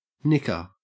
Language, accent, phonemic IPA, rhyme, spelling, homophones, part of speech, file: English, Australia, /ˈnɪkə/, -ɪkə, nikka, knicker, noun, En-au-nikka.ogg
- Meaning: A bowdlerization of nigga used as a reclaimed sense of nigger